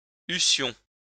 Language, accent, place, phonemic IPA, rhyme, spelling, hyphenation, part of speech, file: French, France, Lyon, /y.sjɔ̃/, -ɔ̃, eussions, eus‧sions, verb, LL-Q150 (fra)-eussions.wav
- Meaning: first-person plural imperfect subjunctive of avoir